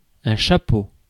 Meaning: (noun) 1. hat 2. introductory text 3. lead of an article 4. cap (of a mushroom); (interjection) Used to express appreciation: hats off
- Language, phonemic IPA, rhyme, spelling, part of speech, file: French, /ʃa.po/, -o, chapeau, noun / interjection, Fr-chapeau.ogg